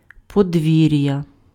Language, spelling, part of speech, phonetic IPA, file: Ukrainian, подвір'я, noun, [pɔdʲˈʋʲirjɐ], Uk-подвір'я.ogg
- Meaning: 1. yard (enclosed area) 2. farmstead (an individual farm together with the house and other buildings on it)